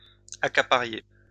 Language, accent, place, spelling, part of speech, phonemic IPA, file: French, France, Lyon, accapariez, verb, /a.ka.pa.ʁje/, LL-Q150 (fra)-accapariez.wav
- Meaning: inflection of accaparer: 1. second-person plural imperfect indicative 2. second-person plural present subjunctive